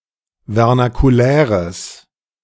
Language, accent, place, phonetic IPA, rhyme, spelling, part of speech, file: German, Germany, Berlin, [vɛʁnakuˈlɛːʁəs], -ɛːʁəs, vernakuläres, adjective, De-vernakuläres.ogg
- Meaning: strong/mixed nominative/accusative neuter singular of vernakulär